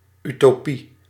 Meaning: 1. Utopia, imaginary society in perfect harmony 2. utopia, unattainable ideal 3. illusion, delusion
- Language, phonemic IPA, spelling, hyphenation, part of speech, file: Dutch, /ˌytoːˈpi/, utopie, uto‧pie, noun, Nl-utopie.ogg